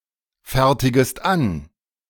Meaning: second-person singular subjunctive I of anfertigen
- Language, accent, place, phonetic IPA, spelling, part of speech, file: German, Germany, Berlin, [ˌfɛʁtɪɡəst ˈan], fertigest an, verb, De-fertigest an.ogg